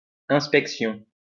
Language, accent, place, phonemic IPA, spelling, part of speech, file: French, France, Lyon, /ɛ̃s.pɛk.sjɔ̃/, inspection, noun, LL-Q150 (fra)-inspection.wav
- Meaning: inspection (act of examining something, often closely)